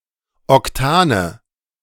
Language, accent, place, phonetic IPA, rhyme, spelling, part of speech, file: German, Germany, Berlin, [ɔkˈtaːnə], -aːnə, Octane, noun, De-Octane.ogg
- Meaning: nominative/accusative/genitive plural of Octan